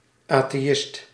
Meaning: atheist
- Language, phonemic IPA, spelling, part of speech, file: Dutch, /ˌaː.teːˈ(j)ɪʃt/, atheïst, noun, Nl-atheïst.ogg